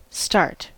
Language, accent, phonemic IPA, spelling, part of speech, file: English, US, /stɑɹt/, start, noun / verb / adverb, En-us-start.ogg
- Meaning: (noun) 1. The beginning of an activity 2. A sudden involuntary movement 3. The beginning point of a race, a board game, etc